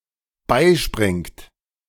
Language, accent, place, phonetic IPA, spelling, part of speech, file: German, Germany, Berlin, [ˈbaɪ̯ˌʃpʁɪŋt], beispringt, verb, De-beispringt.ogg
- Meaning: inflection of beispringen: 1. third-person singular dependent present 2. second-person plural dependent present